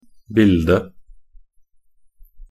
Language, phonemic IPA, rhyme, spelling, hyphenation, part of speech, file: Norwegian Bokmål, /ˈbɪldə/, -ɪldə, bilde, bil‧de, noun, Nb-bilde.ogg
- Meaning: picture, image